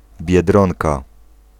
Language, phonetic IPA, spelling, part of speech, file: Polish, [bʲjɛˈdrɔ̃nka], biedronka, noun, Pl-biedronka.ogg